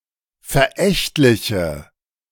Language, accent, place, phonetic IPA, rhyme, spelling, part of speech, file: German, Germany, Berlin, [fɛɐ̯ˈʔɛçtlɪçə], -ɛçtlɪçə, verächtliche, adjective, De-verächtliche.ogg
- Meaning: inflection of verächtlich: 1. strong/mixed nominative/accusative feminine singular 2. strong nominative/accusative plural 3. weak nominative all-gender singular